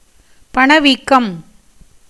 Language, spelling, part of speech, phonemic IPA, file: Tamil, பணவீக்கம், noun, /pɐɳɐʋiːkːɐm/, Ta-பணவீக்கம்.ogg
- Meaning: inflation (general rise in prices of goods and services or an increase in cost of living)